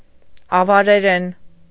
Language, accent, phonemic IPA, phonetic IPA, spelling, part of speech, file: Armenian, Eastern Armenian, /ɑvɑɾeˈɾen/, [ɑvɑɾeɾén], ավարերեն, noun / adverb / adjective, Hy-ավարերեն.ogg
- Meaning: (noun) Avar (Caucasian language); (adverb) in Avar; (adjective) Avar (of or pertaining to the language)